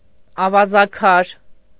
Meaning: sandstone
- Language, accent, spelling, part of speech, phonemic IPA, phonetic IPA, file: Armenian, Eastern Armenian, ավազաքար, noun, /ɑvɑzɑˈkʰɑɾ/, [ɑvɑzɑkʰɑ́ɾ], Hy-ավազաքար.ogg